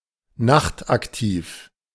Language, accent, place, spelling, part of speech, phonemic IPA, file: German, Germany, Berlin, nachtaktiv, adjective, /ˈnaχtʔakˌtiːf/, De-nachtaktiv.ogg
- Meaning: nocturnal